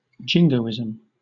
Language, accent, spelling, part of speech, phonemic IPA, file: English, Southern England, jingoism, noun, /ˈd͡ʒɪŋɡəʊɪz(ə)m/, LL-Q1860 (eng)-jingoism.wav
- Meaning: 1. Excessive patriotism or aggressive nationalism, especially with regards to foreign policy 2. A jingoistic attitude, comment, etc 3. Chauvinism